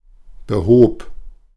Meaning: first/third-person singular preterite of beheben
- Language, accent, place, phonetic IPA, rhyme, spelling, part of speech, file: German, Germany, Berlin, [bəˈhoːp], -oːp, behob, verb, De-behob.ogg